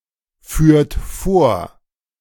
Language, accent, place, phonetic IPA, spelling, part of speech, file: German, Germany, Berlin, [ˌfyːɐ̯t ˈfoːɐ̯], führt vor, verb, De-führt vor.ogg
- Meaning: inflection of vorführen: 1. second-person plural present 2. third-person singular present 3. plural imperative